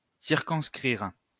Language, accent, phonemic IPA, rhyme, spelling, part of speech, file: French, France, /siʁ.kɔ̃s.kʁiʁ/, -iʁ, circonscrire, verb, LL-Q150 (fra)-circonscrire.wav
- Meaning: to circumscribe